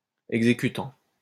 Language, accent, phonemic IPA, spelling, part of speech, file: French, France, /ɛɡ.ze.ky.tɑ̃/, exécutant, verb / noun, LL-Q150 (fra)-exécutant.wav
- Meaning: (verb) present participle of exécuter; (noun) 1. performer 2. executor, one who carries out an action